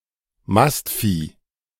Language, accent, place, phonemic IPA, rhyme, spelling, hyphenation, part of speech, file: German, Germany, Berlin, /ˈmastˌfiː/, -iː, Mastvieh, Mast‧vieh, noun, De-Mastvieh.ogg
- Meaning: beef cattle, fattened livestock raised for meat